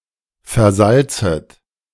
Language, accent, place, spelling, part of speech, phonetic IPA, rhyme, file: German, Germany, Berlin, versalzet, verb, [fɛɐ̯ˈzalt͡sət], -alt͡sət, De-versalzet.ogg
- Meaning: second-person plural subjunctive I of versalzen